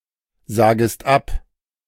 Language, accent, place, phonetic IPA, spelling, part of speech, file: German, Germany, Berlin, [ˌzaːɡəst ˈap], sagest ab, verb, De-sagest ab.ogg
- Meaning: second-person singular subjunctive I of absagen